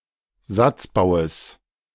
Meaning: genitive of Satzbau
- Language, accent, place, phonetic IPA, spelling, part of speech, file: German, Germany, Berlin, [ˈzat͡sˌbaʊ̯əs], Satzbaues, noun, De-Satzbaues.ogg